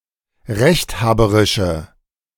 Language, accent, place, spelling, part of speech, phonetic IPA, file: German, Germany, Berlin, rechthaberische, adjective, [ˈʁɛçtˌhaːbəʁɪʃə], De-rechthaberische.ogg
- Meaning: inflection of rechthaberisch: 1. strong/mixed nominative/accusative feminine singular 2. strong nominative/accusative plural 3. weak nominative all-gender singular